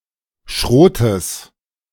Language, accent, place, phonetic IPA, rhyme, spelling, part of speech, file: German, Germany, Berlin, [ˈʃʁoːtəs], -oːtəs, Schrotes, noun, De-Schrotes.ogg
- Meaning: genitive singular of Schrot